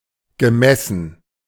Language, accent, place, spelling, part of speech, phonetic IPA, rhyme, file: German, Germany, Berlin, gemessen, verb, [ɡəˈmɛsn̩], -ɛsn̩, De-gemessen.ogg
- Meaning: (verb) past participle of messen; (adjective) measured